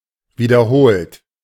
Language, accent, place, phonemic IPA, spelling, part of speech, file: German, Germany, Berlin, /viːdɐˈhoːlt/, wiederholt, verb / adverb, De-wiederholt.ogg
- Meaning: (verb) past participle of wiederholen; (adverb) repeatedly; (verb) inflection of wiederholen: 1. third-person singular present 2. second-person plural present 3. plural imperative